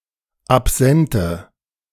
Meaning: inflection of absent: 1. strong/mixed nominative/accusative feminine singular 2. strong nominative/accusative plural 3. weak nominative all-gender singular 4. weak accusative feminine/neuter singular
- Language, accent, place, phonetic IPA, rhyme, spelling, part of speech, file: German, Germany, Berlin, [apˈzɛntə], -ɛntə, absente, adjective, De-absente.ogg